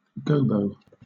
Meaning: 1. A screen (often in disc form) placed between a light and an illuminated actor or object in order to diffuse the glare 2. A device used to shield a microphone from extraneous sounds
- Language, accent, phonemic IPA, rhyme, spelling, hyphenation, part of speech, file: English, Southern England, /ˈɡəʊbəʊ/, -əʊbəʊ, gobo, go‧bo, noun, LL-Q1860 (eng)-gobo.wav